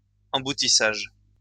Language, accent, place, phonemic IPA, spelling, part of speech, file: French, France, Lyon, /ɑ̃.bu.ti.saʒ/, emboutissage, noun, LL-Q150 (fra)-emboutissage.wav
- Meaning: stamping